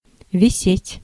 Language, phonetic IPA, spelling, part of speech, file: Russian, [vʲɪˈsʲetʲ], висеть, verb, Ru-висеть.ogg
- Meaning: to hang, to be suspended